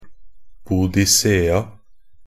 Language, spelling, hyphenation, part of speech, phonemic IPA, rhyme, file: Norwegian Bokmål, Boadicea, Boa‧di‧cea, proper noun, /buːdɪˈseːa/, -eːa, Nb-boadicea2.ogg
- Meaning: alternative spelling of Boudicca (“Boudica”)